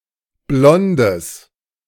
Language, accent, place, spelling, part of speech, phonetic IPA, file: German, Germany, Berlin, blondes, adjective, [ˈblɔndəs], De-blondes.ogg
- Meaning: strong/mixed nominative/accusative neuter singular of blond